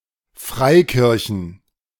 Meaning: plural of Freikirche
- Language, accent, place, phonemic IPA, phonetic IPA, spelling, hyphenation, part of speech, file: German, Germany, Berlin, /ˈfʁaɪ̯ˌkɪʁçən/, [ˈfʁaɪ̯ˌkɪʁçn], Freikirchen, Frei‧kir‧chen, noun, De-Freikirchen.ogg